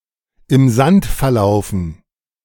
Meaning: to go nowhere
- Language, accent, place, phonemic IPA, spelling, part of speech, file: German, Germany, Berlin, /ɪm zant fɛɐ̯ˈlaʊ̯fn̩/, im Sand verlaufen, verb, De-im Sand verlaufen.ogg